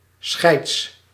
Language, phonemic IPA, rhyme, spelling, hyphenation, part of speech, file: Dutch, /sxɛi̯ts/, -ɛi̯ts, scheids, scheids, noun, Nl-scheids.ogg
- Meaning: clipping of scheidsrechter